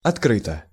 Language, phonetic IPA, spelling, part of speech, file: Russian, [ɐtˈkrɨtə], открыто, adverb / adjective, Ru-открыто.ogg
- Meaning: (adverb) avowedly, openly, frankly, publicly (in a frank, open, honest, or too honest manner); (adjective) 1. it is open 2. short neuter singular of откры́тый (otkrýtyj)